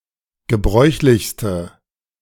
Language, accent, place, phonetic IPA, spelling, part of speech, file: German, Germany, Berlin, [ɡəˈbʁɔɪ̯çlɪçstə], gebräuchlichste, adjective, De-gebräuchlichste.ogg
- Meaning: inflection of gebräuchlich: 1. strong/mixed nominative/accusative feminine singular superlative degree 2. strong nominative/accusative plural superlative degree